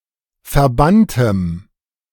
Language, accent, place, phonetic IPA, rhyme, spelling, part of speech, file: German, Germany, Berlin, [fɛɐ̯ˈbantəm], -antəm, verbanntem, adjective, De-verbanntem.ogg
- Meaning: strong dative masculine/neuter singular of verbannt